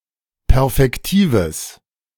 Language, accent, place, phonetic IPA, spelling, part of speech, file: German, Germany, Berlin, [ˈpɛʁfɛktiːvəs], perfektives, adjective, De-perfektives.ogg
- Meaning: strong/mixed nominative/accusative neuter singular of perfektiv